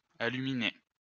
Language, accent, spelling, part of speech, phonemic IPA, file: French, France, aluminer, verb, /a.ly.mi.ne/, LL-Q150 (fra)-aluminer.wav
- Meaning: to aluminize